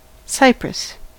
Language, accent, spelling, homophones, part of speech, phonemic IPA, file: English, US, cypress, Cyprus, noun, /ˈsaɪ.pɹəs/, En-us-cypress.ogg